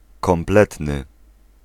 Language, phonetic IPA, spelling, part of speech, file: Polish, [kɔ̃mˈplɛtnɨ], kompletny, adjective, Pl-kompletny.ogg